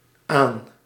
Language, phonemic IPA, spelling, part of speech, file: Dutch, /aːn/, aan-, prefix, Nl-aan-.ogg
- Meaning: a prefix appended to a small group of verbs; for which it has an intensive meaning